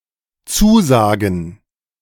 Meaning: 1. gerund of zusagen 2. plural of Zusage
- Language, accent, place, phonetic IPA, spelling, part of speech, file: German, Germany, Berlin, [ˈt͡suːˌzaːɡn̩], Zusagen, noun, De-Zusagen.ogg